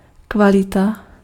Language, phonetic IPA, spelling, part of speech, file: Czech, [ˈkvalɪta], kvalita, noun, Cs-kvalita.ogg
- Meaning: quality (level of excellence)